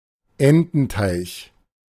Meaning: duckpond
- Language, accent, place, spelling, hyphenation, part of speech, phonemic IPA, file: German, Germany, Berlin, Ententeich, En‧ten‧teich, noun, /ˈɛntn̩ˌtaɪ̯ç/, De-Ententeich.ogg